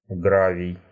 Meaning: gravel
- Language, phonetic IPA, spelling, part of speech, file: Russian, [ˈɡravʲɪj], гравий, noun, Ru-гра́вий.ogg